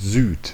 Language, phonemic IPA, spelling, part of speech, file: German, /zyːt/, Süd, noun, De-Süd.ogg
- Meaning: 1. the south 2. a wind coming from the south